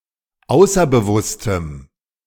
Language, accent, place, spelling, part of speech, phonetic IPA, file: German, Germany, Berlin, außerbewusstem, adjective, [ˈaʊ̯sɐbəˌvʊstəm], De-außerbewusstem.ogg
- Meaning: strong dative masculine/neuter singular of außerbewusst